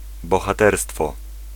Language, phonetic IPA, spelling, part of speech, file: Polish, [ˌbɔxaˈtɛrstfɔ], bohaterstwo, noun, Pl-bohaterstwo.ogg